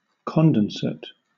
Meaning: Made dense; condensed
- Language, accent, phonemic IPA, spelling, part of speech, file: English, Southern England, /ˈkɒndənsət/, condensate, adjective, LL-Q1860 (eng)-condensate.wav